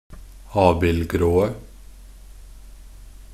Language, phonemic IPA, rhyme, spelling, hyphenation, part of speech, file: Norwegian Bokmål, /ˈɑːbɪlɡroːə/, -oːə, abildgråe, ab‧ild‧grå‧e, adjective, Nb-abildgråe.ogg
- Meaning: 1. definite singular of abildgrå 2. plural of abildgrå